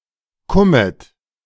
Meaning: horsecollar
- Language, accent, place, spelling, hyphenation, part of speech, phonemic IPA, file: German, Germany, Berlin, Kummet, Kum‧met, noun, /ˈkʊmət/, De-Kummet.ogg